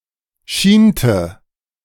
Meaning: inflection of schienen: 1. first/third-person singular preterite 2. first/third-person singular subjunctive II
- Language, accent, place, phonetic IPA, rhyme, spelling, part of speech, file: German, Germany, Berlin, [ˈʃiːntə], -iːntə, schiente, verb, De-schiente.ogg